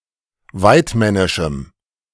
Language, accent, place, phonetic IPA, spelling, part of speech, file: German, Germany, Berlin, [ˈvaɪ̯tˌmɛnɪʃm̩], waidmännischem, adjective, De-waidmännischem.ogg
- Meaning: strong dative masculine/neuter singular of waidmännisch